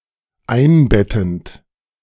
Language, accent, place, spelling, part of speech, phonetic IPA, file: German, Germany, Berlin, einbettend, verb, [ˈaɪ̯nˌbɛtn̩t], De-einbettend.ogg
- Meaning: present participle of einbetten